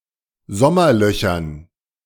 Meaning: dative plural of Sommerloch
- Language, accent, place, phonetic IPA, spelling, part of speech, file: German, Germany, Berlin, [ˈzɔmɐˌlœçɐn], Sommerlöchern, noun, De-Sommerlöchern.ogg